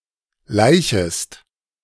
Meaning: second-person singular subjunctive I of laichen
- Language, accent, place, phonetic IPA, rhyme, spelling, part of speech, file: German, Germany, Berlin, [ˈlaɪ̯çəst], -aɪ̯çəst, laichest, verb, De-laichest.ogg